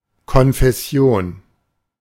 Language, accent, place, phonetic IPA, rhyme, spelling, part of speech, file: German, Germany, Berlin, [kɔnfɛˈsi̯oːn], -oːn, Konfession, noun, De-Konfession.ogg
- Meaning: denomination